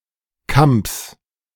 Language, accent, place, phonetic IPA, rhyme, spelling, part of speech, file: German, Germany, Berlin, [kamps], -amps, Kamps, noun, De-Kamps.ogg
- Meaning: genitive of Kamp